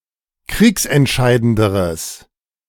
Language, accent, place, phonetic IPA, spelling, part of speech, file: German, Germany, Berlin, [ˈkʁiːksɛntˌʃaɪ̯dəndəʁəs], kriegsentscheidenderes, adjective, De-kriegsentscheidenderes.ogg
- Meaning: strong/mixed nominative/accusative neuter singular comparative degree of kriegsentscheidend